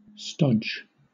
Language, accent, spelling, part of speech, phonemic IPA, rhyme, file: English, Southern England, stodge, verb / noun, /stɒd͡ʒ/, -ɒdʒ, LL-Q1860 (eng)-stodge.wav
- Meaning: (verb) To stuff; to cram; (noun) 1. Heavy, dull, often starchy food, such as a steamed pudding 2. Anything dull and bland